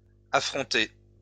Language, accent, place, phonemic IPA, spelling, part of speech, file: French, France, Lyon, /a.fʁɔ̃.te/, affronté, verb, LL-Q150 (fra)-affronté.wav
- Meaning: past participle of affronter